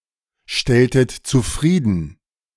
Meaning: inflection of zufriedenstellen: 1. second-person plural preterite 2. second-person plural subjunctive II
- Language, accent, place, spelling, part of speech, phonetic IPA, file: German, Germany, Berlin, stelltet zufrieden, verb, [ˌʃtɛltət t͡suˈfʁiːdn̩], De-stelltet zufrieden.ogg